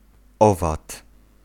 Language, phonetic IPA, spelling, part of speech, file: Polish, [ˈɔvat], owad, noun, Pl-owad.ogg